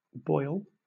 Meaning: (noun) 1. A localized accumulation of pus in the skin, resulting from infection 2. The point at which fluid begins to change to a vapour; the boiling point 3. An instance of boiling
- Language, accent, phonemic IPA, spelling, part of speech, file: English, Southern England, /bɔɪ(ə)l/, boil, noun / verb, LL-Q1860 (eng)-boil.wav